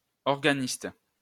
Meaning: organist
- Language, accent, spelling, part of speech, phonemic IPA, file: French, France, organiste, noun, /ɔʁ.ɡa.nist/, LL-Q150 (fra)-organiste.wav